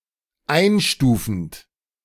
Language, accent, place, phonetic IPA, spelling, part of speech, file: German, Germany, Berlin, [ˈaɪ̯nˌʃtuːfn̩t], einstufend, verb, De-einstufend.ogg
- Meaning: present participle of einstufen